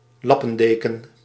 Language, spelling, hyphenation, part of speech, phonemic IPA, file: Dutch, lappendeken, lap‧pen‧de‧ken, noun, /ˈlɑpə(n)deːkə(n)/, Nl-lappendeken.ogg
- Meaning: a blanket made of many different pieces of cloth joined together; a quilt or a patchwork (in the literal sense)